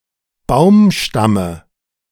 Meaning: dative singular of Baumstamm
- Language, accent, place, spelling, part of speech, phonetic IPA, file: German, Germany, Berlin, Baumstamme, noun, [ˈbaʊ̯mˌʃtamə], De-Baumstamme.ogg